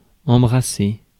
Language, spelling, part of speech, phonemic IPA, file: French, embrasser, verb, /ɑ̃.bʁa.se/, Fr-embrasser.ogg
- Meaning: 1. to hug, embrace (to affectionately wrap one's arms around another) 2. to kiss (to touch with the lips)